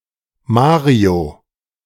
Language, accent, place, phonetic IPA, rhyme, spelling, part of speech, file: German, Germany, Berlin, [ˈmaːʁio], -aːʁio, Mario, proper noun, De-Mario.ogg
- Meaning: a male given name from Italian or Spanish